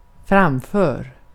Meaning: inflection of framföra: 1. imperative 2. present indicative
- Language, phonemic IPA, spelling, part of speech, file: Swedish, /²framfœːr/, framför, verb, Sv-framför.ogg